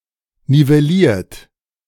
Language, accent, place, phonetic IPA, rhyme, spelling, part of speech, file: German, Germany, Berlin, [nivɛˈliːɐ̯t], -iːɐ̯t, nivelliert, verb, De-nivelliert.ogg
- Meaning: 1. past participle of nivellieren 2. inflection of nivellieren: third-person singular present 3. inflection of nivellieren: second-person plural present 4. inflection of nivellieren: plural imperative